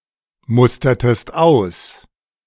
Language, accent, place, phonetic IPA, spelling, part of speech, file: German, Germany, Berlin, [ˌmʊstɐtəst ˈaʊ̯s], mustertest aus, verb, De-mustertest aus.ogg
- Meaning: inflection of ausmustern: 1. second-person singular preterite 2. second-person singular subjunctive II